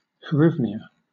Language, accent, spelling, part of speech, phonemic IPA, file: English, Southern England, hryvnia, noun, /(hə)ˈrɪvnjə/, LL-Q1860 (eng)-hryvnia.wav
- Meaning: The currency of Ukraine, symbol ₴, divided into 100 kopiykas